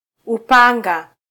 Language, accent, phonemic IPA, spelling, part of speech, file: Swahili, Kenya, /uˈpɑ.ᵑɡɑ/, upanga, noun, Sw-ke-upanga.flac
- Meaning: sword